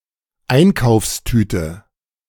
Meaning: shopping bag
- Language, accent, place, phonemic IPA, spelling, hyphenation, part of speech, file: German, Germany, Berlin, /ˈaɪ̯nkaʊ̯fsˌtyːtə/, Einkaufstüte, Ein‧kaufs‧tü‧te, noun, De-Einkaufstüte.ogg